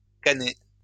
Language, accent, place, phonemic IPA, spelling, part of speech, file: French, France, Lyon, /ka.ne/, canné, verb, LL-Q150 (fra)-canné.wav
- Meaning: past participle of canner